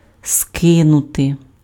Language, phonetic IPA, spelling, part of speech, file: Ukrainian, [ˈskɪnʊte], скинути, verb, Uk-скинути.ogg
- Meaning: 1. to throw off, to cast off 2. to drop, to shed, to dump, to jettison 3. to overthrow (:government)